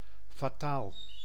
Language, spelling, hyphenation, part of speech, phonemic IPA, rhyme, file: Dutch, fataal, fa‧taal, adjective, /faːˈtaːl/, -aːl, Nl-fataal.ogg
- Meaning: fatal (causing death or destruction)